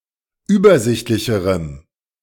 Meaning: strong dative masculine/neuter singular comparative degree of übersichtlich
- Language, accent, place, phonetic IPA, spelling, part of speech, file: German, Germany, Berlin, [ˈyːbɐˌzɪçtlɪçəʁəm], übersichtlicherem, adjective, De-übersichtlicherem.ogg